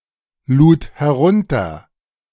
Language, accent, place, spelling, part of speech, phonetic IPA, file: German, Germany, Berlin, lud herunter, verb, [ˌluːt hɛˈʁʊntɐ], De-lud herunter.ogg
- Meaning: first/third-person singular preterite of herunterladen